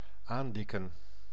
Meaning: 1. to thicken, fatten 2. to exaggerate, to embellish
- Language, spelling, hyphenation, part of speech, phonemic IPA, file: Dutch, aandikken, aan‧dik‧ken, verb, /ˈaːndɪkə(n)/, Nl-aandikken.ogg